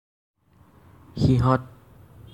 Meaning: they
- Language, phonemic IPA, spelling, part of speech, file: Assamese, /xi.ɦɔ̃t/, সিহঁত, pronoun, As-সিহঁত.ogg